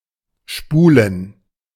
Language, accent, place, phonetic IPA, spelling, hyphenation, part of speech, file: German, Germany, Berlin, [ˈʃpuːlən], spulen, spu‧len, verb, De-spulen.ogg
- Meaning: to spool